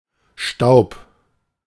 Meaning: dust
- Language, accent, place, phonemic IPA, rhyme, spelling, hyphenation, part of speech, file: German, Germany, Berlin, /ʃtaʊ̯p/, -aʊ̯p, Staub, Staub, noun, De-Staub.ogg